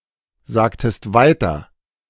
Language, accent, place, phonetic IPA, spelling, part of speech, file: German, Germany, Berlin, [ˌzaːktəst ˈvaɪ̯tɐ], sagtest weiter, verb, De-sagtest weiter.ogg
- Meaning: inflection of weitersagen: 1. second-person singular preterite 2. second-person singular subjunctive II